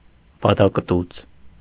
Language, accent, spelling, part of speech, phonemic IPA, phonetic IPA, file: Armenian, Eastern Armenian, բադակտուց, noun, /bɑdɑkəˈtut͡sʰ/, [bɑdɑkətút͡sʰ], Hy-բադակտուց.ogg
- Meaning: platypus